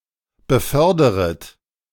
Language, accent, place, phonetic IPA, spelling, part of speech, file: German, Germany, Berlin, [bəˈfœʁdəʁət], beförderet, verb, De-beförderet.ogg
- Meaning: second-person plural subjunctive I of befördern